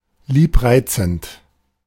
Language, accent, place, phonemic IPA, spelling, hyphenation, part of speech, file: German, Germany, Berlin, /ˈliːpˌʁaɪ̯t͡sn̩t/, liebreizend, lieb‧rei‧zend, adjective, De-liebreizend.ogg
- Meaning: lovely, charming